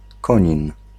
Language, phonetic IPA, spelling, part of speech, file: Polish, [ˈkɔ̃ɲĩn], Konin, proper noun, Pl-Konin.ogg